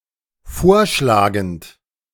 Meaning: present participle of vorschlagen
- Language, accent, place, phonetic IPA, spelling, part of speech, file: German, Germany, Berlin, [ˈfoːɐ̯ˌʃlaːɡn̩t], vorschlagend, verb, De-vorschlagend.ogg